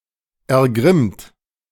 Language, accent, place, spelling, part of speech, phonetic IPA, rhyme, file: German, Germany, Berlin, ergrimmt, verb, [ɛɐ̯ˈɡʁɪmt], -ɪmt, De-ergrimmt.ogg
- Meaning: 1. past participle of ergrimmen 2. inflection of ergrimmen: second-person plural present 3. inflection of ergrimmen: third-person singular present 4. inflection of ergrimmen: plural imperative